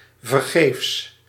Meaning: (adverb) in vain; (adjective) fruitless, futile
- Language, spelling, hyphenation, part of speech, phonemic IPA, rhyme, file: Dutch, vergeefs, ver‧geefs, adverb / adjective, /vərˈɣeːfs/, -eːfs, Nl-vergeefs.ogg